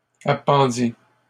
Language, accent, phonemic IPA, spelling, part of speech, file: French, Canada, /a.pɑ̃.di/, appendit, verb, LL-Q150 (fra)-appendit.wav
- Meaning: third-person singular past historic of appendre